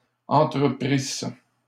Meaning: first-person singular imperfect subjunctive of entreprendre
- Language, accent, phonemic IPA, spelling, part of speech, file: French, Canada, /ɑ̃.tʁə.pʁis/, entreprisse, verb, LL-Q150 (fra)-entreprisse.wav